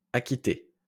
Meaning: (verb) past participle of acquitter; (adjective) paid, honored
- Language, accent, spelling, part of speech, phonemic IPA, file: French, France, acquitté, verb / adjective, /a.ki.te/, LL-Q150 (fra)-acquitté.wav